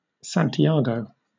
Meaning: Numerous places: Numerous places in Argentina: Ellipsis of Santiago del Estero: a city in Argentina
- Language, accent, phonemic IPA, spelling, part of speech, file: English, Southern England, /sæntiˈɑːɡəʊ/, Santiago, proper noun, LL-Q1860 (eng)-Santiago.wav